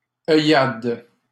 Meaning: nonstandard spelling of œillade
- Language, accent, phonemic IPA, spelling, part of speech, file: French, Canada, /œ.jad/, oeillade, noun, LL-Q150 (fra)-oeillade.wav